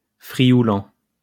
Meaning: Friulian (language spoken in Friuli)
- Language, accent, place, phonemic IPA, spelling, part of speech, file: French, France, Lyon, /fʁi.ju.lɑ̃/, frioulan, noun, LL-Q150 (fra)-frioulan.wav